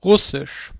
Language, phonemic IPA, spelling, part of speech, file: German, /ˈʁʊsɪʃ/, Russisch, proper noun / noun, De-Russisch.ogg
- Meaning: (proper noun) Russian (language); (noun) thighing, intercrural sex